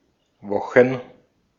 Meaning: plural of Woche
- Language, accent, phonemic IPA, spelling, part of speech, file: German, Austria, /ˈvɔχn/, Wochen, noun, De-at-Wochen.ogg